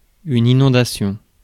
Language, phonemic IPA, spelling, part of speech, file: French, /i.nɔ̃.da.sjɔ̃/, inondation, noun, Fr-inondation.ogg
- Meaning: 1. flood (overflow of water) 2. flood, inundation (a large influx of e.g. people)